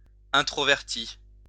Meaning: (adjective) introvert
- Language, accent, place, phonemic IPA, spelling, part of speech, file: French, France, Lyon, /ɛ̃.tʁɔ.vɛʁ.ti/, introverti, adjective / noun, LL-Q150 (fra)-introverti.wav